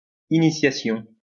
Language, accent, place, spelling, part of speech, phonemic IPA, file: French, France, Lyon, initiation, noun, /i.ni.sja.sjɔ̃/, LL-Q150 (fra)-initiation.wav
- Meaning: initiation